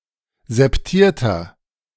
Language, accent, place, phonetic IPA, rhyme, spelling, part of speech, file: German, Germany, Berlin, [zɛpˈtiːɐ̯tɐ], -iːɐ̯tɐ, septierter, adjective, De-septierter.ogg
- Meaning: inflection of septiert: 1. strong/mixed nominative masculine singular 2. strong genitive/dative feminine singular 3. strong genitive plural